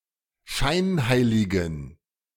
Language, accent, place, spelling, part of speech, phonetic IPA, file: German, Germany, Berlin, scheinheiligen, adjective, [ˈʃaɪ̯nˌhaɪ̯lɪɡn̩], De-scheinheiligen.ogg
- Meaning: inflection of scheinheilig: 1. strong genitive masculine/neuter singular 2. weak/mixed genitive/dative all-gender singular 3. strong/weak/mixed accusative masculine singular 4. strong dative plural